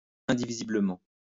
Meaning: indivisibly
- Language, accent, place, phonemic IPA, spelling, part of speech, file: French, France, Lyon, /ɛ̃.di.vi.zi.blə.mɑ̃/, indivisiblement, adverb, LL-Q150 (fra)-indivisiblement.wav